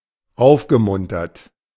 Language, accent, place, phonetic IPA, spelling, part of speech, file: German, Germany, Berlin, [ˈaʊ̯fɡəˌmʊntɐt], aufgemuntert, verb, De-aufgemuntert.ogg
- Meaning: past participle of aufmuntern